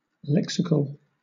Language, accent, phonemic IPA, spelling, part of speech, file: English, Southern England, /ˈlɛksɪkəl/, lexical, adjective, LL-Q1860 (eng)-lexical.wav
- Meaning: 1. Concerning the vocabulary, words, sentences or morphemes of a language 2. Concerning lexicography or a lexicon or dictionary 3. Denoting a content word as opposed to a function word